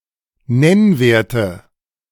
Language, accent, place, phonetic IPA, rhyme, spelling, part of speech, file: German, Germany, Berlin, [ˈnɛnˌveːɐ̯tə], -ɛnveːɐ̯tə, Nennwerte, noun, De-Nennwerte.ogg
- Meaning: nominative/accusative/genitive plural of Nennwert